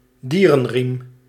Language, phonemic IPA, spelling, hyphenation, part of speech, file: Dutch, /ˈdiː.rənˌriːm/, dierenriem, die‧ren‧riem, noun, Nl-dierenriem.ogg
- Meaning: zodiac